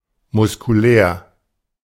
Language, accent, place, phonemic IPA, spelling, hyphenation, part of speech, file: German, Germany, Berlin, /mʊskuˈlɛːʁ/, muskulär, mus‧ku‧lär, adjective, De-muskulär.ogg
- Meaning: muscular (relating to muscles)